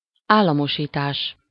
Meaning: (GB) nationalisation, (US) nationalization (the act of taking formerly private assets into public or state ownership)
- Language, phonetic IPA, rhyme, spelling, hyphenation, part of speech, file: Hungarian, [ˈaːlːɒmoʃiːtaːʃ], -aːʃ, államosítás, ál‧la‧mo‧sí‧tás, noun, Hu-államosítás.ogg